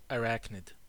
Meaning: Any of the eight-legged creatures, including spiders, mites, and scorpions, of the class Arachnida
- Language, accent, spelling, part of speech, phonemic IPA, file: English, US, arachnid, noun, /əˈɹæknɪd/, En-us-arachnid.ogg